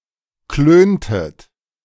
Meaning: inflection of klönen: 1. second-person plural preterite 2. second-person plural subjunctive II
- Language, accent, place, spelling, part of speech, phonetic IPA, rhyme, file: German, Germany, Berlin, klöntet, verb, [ˈkløːntət], -øːntət, De-klöntet.ogg